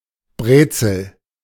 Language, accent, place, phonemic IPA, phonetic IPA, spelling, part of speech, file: German, Germany, Berlin, /ˈbreːtsəl/, [ˈbʁeːt͡sl̩], Brezel, noun, De-Brezel.ogg
- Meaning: pretzel; any kind of baked good in the form of a loose knot